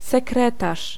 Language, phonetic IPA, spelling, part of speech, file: Polish, [sɛˈkrɛtaʃ], sekretarz, noun, Pl-sekretarz.ogg